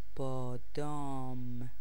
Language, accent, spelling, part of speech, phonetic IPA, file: Persian, Iran, بادام, noun, [bɒː.d̪ɒ́ːm], Fa-بادام.ogg
- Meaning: almond